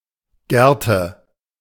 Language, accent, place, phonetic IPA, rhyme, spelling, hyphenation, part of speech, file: German, Germany, Berlin, [ˈɡɛʁtə], -ɛʁtə, Gerte, Ger‧te, noun, De-Gerte.ogg
- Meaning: crop (a whip without a lash)